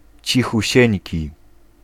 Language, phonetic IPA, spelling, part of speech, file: Polish, [ˌt͡ɕixuˈɕɛ̇̃ɲci], cichusieńki, adjective, Pl-cichusieńki.ogg